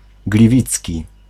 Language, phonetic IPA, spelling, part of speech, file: Polish, [ɡlʲiˈvʲit͡sʲci], gliwicki, adjective, Pl-gliwicki.ogg